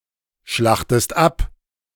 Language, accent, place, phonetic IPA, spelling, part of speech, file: German, Germany, Berlin, [ˌʃlaxtəst ˈap], schlachtest ab, verb, De-schlachtest ab.ogg
- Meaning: inflection of abschlachten: 1. second-person singular present 2. second-person singular subjunctive I